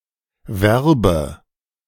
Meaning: inflection of werben: 1. first-person singular present 2. first/third-person singular subjunctive I
- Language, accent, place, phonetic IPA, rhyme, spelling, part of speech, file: German, Germany, Berlin, [ˈvɛʁbə], -ɛʁbə, werbe, verb, De-werbe.ogg